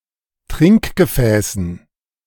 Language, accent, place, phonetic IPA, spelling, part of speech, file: German, Germany, Berlin, [ˈtʁɪŋkɡəˌfɛːsn̩], Trinkgefäßen, noun, De-Trinkgefäßen.ogg
- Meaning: dative plural of Trinkgefäß